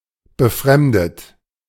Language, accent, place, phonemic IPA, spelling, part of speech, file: German, Germany, Berlin, /bəˈfʁɛmdət/, befremdet, verb / adjective, De-befremdet.ogg
- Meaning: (verb) past participle of befremden; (adjective) disconcerted; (verb) inflection of befremden: 1. third-person singular present 2. second-person plural present 3. plural imperative